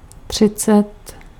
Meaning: thirty (30)
- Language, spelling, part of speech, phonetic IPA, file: Czech, třicet, numeral, [ˈtr̝̊ɪt͡sɛt], Cs-třicet.ogg